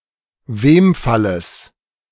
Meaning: genitive singular of Wemfall
- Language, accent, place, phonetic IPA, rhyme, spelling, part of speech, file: German, Germany, Berlin, [ˈveːmfaləs], -eːmfaləs, Wemfalles, noun, De-Wemfalles.ogg